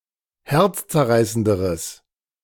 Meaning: strong/mixed nominative/accusative neuter singular comparative degree of herzzerreißend
- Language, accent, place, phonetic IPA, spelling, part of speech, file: German, Germany, Berlin, [ˈhɛʁt͡st͡sɛɐ̯ˌʁaɪ̯səndəʁəs], herzzerreißenderes, adjective, De-herzzerreißenderes.ogg